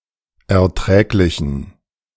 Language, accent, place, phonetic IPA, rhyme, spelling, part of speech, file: German, Germany, Berlin, [ɛɐ̯ˈtʁɛːklɪçn̩], -ɛːklɪçn̩, erträglichen, adjective, De-erträglichen.ogg
- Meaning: inflection of erträglich: 1. strong genitive masculine/neuter singular 2. weak/mixed genitive/dative all-gender singular 3. strong/weak/mixed accusative masculine singular 4. strong dative plural